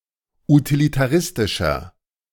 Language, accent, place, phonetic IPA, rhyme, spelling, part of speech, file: German, Germany, Berlin, [utilitaˈʁɪstɪʃɐ], -ɪstɪʃɐ, utilitaristischer, adjective, De-utilitaristischer.ogg
- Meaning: 1. comparative degree of utilitaristisch 2. inflection of utilitaristisch: strong/mixed nominative masculine singular 3. inflection of utilitaristisch: strong genitive/dative feminine singular